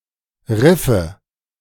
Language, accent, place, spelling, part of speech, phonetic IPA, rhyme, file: German, Germany, Berlin, Riffe, noun, [ˈʁɪfə], -ɪfə, De-Riffe.ogg
- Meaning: nominative/accusative/genitive plural of Riff